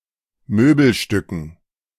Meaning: dative plural of Möbelstück
- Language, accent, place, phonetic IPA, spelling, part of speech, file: German, Germany, Berlin, [ˈmøːbl̩ˌʃtʏkn̩], Möbelstücken, noun, De-Möbelstücken.ogg